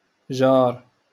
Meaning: neighbour
- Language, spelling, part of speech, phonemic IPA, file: Moroccan Arabic, جار, noun, /ʒaːr/, LL-Q56426 (ary)-جار.wav